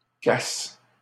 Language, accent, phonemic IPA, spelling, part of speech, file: French, Canada, /kask/, casques, noun / verb, LL-Q150 (fra)-casques.wav
- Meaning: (noun) plural of casque; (verb) second-person singular present indicative/subjunctive of casquer